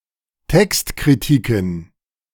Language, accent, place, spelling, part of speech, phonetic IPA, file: German, Germany, Berlin, Textkritiken, noun, [ˈtɛkstkʁiˌtiːkn̩], De-Textkritiken.ogg
- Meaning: plural of Textkritik